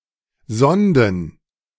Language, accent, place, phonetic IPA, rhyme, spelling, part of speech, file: German, Germany, Berlin, [ˈzɔndn̩], -ɔndn̩, Sonden, noun, De-Sonden.ogg
- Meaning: plural of Sonde